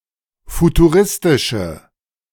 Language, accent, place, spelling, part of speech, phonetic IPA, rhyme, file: German, Germany, Berlin, futuristische, adjective, [futuˈʁɪstɪʃə], -ɪstɪʃə, De-futuristische.ogg
- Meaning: inflection of futuristisch: 1. strong/mixed nominative/accusative feminine singular 2. strong nominative/accusative plural 3. weak nominative all-gender singular